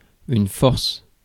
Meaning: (noun) 1. force 2. strength; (adjective) many; a lot of; a great quantity of; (verb) inflection of forcer: first/third-person singular present indicative/subjunctive
- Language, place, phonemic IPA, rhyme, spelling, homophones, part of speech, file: French, Paris, /fɔʁs/, -ɔʁs, force, forcent / forces, noun / adjective / verb, Fr-force.ogg